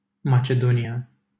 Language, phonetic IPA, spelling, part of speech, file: Romanian, [ma.t͡ʃe.doˈni.a], Macedonia, proper noun, LL-Q7913 (ron)-Macedonia.wav
- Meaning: Macedonia (a geographic region in Southeastern Europe in the Balkans, including North Macedonia and parts of Greece, Bulgaria, Albania and Serbia)